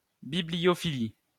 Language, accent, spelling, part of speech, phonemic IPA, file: French, France, bibliophilie, noun, /bi.bli.jɔ.fi.li/, LL-Q150 (fra)-bibliophilie.wav
- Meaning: bibliophily